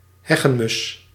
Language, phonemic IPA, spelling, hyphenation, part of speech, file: Dutch, /ˈɦɛ.ɣə(n)ˌmʏs/, heggenmus, heg‧gen‧mus, noun, Nl-heggenmus.ogg
- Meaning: 1. dunnock, hedge sparrow (Prunella modularis) 2. any bird of the family Prunellidae